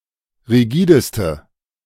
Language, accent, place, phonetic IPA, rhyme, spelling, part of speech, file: German, Germany, Berlin, [ʁiˈɡiːdəstə], -iːdəstə, rigideste, adjective, De-rigideste.ogg
- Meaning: inflection of rigide: 1. strong/mixed nominative/accusative feminine singular superlative degree 2. strong nominative/accusative plural superlative degree